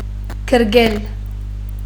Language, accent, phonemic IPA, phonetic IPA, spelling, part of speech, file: Armenian, Western Armenian, /kəɾˈɡel/, [kʰəɾɡél], գրկել, verb, HyW-գրկել.ogg
- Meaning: to embrace, hug